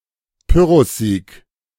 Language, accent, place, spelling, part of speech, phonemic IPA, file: German, Germany, Berlin, Pyrrhussieg, noun, /ˈpʏʁʊsˌziːk/, De-Pyrrhussieg.ogg
- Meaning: Pyrrhic victory